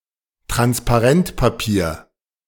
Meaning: tracing paper (translucent paper)
- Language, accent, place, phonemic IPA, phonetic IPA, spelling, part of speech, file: German, Germany, Berlin, /ˌtranspaˈrɛntpaˌpiːr/, [ˌtʁanspaˈʁɛntpaˌpi(ː)ɐ̯], Transparentpapier, noun, De-Transparentpapier.ogg